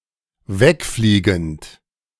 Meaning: present participle of wegfliegen
- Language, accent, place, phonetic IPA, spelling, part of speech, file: German, Germany, Berlin, [ˈvɛkˌfliːɡn̩t], wegfliegend, verb, De-wegfliegend.ogg